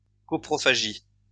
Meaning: coprophagy; coprophagia
- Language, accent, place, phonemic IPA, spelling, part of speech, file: French, France, Lyon, /kɔ.pʁɔ.fa.ʒi/, coprophagie, noun, LL-Q150 (fra)-coprophagie.wav